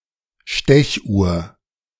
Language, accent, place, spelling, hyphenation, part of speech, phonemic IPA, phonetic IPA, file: German, Germany, Berlin, Stechuhr, Stech‧uhr, noun, /ˈʃtɛçˌuːr/, [ˈʃtɛçˌʔu(ː)ɐ̯], De-Stechuhr.ogg
- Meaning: time clock, punch clock